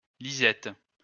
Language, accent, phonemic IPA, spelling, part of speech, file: French, France, /li.zɛt/, Lisette, proper noun, LL-Q150 (fra)-Lisette.wav
- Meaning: a female given name